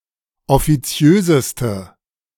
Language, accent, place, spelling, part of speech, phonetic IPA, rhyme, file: German, Germany, Berlin, offiziöseste, adjective, [ɔfiˈt͡si̯øːzəstə], -øːzəstə, De-offiziöseste.ogg
- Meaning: inflection of offiziös: 1. strong/mixed nominative/accusative feminine singular superlative degree 2. strong nominative/accusative plural superlative degree